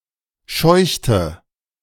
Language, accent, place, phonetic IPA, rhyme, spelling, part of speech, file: German, Germany, Berlin, [ˈʃɔɪ̯çtə], -ɔɪ̯çtə, scheuchte, verb, De-scheuchte.ogg
- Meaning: inflection of scheuchen: 1. first/third-person singular preterite 2. first/third-person singular subjunctive II